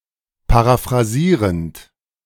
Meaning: present participle of paraphrasieren
- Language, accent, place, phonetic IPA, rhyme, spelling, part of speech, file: German, Germany, Berlin, [paʁafʁaˈziːʁənt], -iːʁənt, paraphrasierend, verb, De-paraphrasierend.ogg